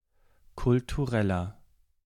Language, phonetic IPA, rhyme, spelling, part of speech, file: German, [kʊltuˈʁɛlɐ], -ɛlɐ, kultureller, adjective, De-kultureller.ogg
- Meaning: inflection of kulturell: 1. strong/mixed nominative masculine singular 2. strong genitive/dative feminine singular 3. strong genitive plural